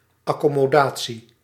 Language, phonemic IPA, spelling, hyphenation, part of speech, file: Dutch, /ˌɑ.kɔ.moːˈdaː.(t)si/, accommodatie, ac‧com‧mo‧da‧tie, noun, Nl-accommodatie.ogg
- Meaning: 1. accommodation (lodging, facility) 2. accommodation (adaptation to circumstances)